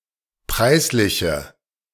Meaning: inflection of preislich: 1. strong/mixed nominative/accusative feminine singular 2. strong nominative/accusative plural 3. weak nominative all-gender singular
- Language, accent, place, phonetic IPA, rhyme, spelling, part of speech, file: German, Germany, Berlin, [ˈpʁaɪ̯sˌlɪçə], -aɪ̯slɪçə, preisliche, adjective, De-preisliche.ogg